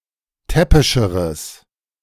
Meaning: strong/mixed nominative/accusative neuter singular comparative degree of täppisch
- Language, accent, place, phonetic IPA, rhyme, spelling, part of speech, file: German, Germany, Berlin, [ˈtɛpɪʃəʁəs], -ɛpɪʃəʁəs, täppischeres, adjective, De-täppischeres.ogg